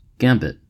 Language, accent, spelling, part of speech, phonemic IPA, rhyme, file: English, US, gambit, noun / verb, /ˈɡæmbɪt/, -æmbɪt, En-us-gambit.ogg
- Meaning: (noun) 1. An opening in chess in which material is sacrificed to gain an advantage 2. Any ploy or stratagem 3. A remark intended to open a conversation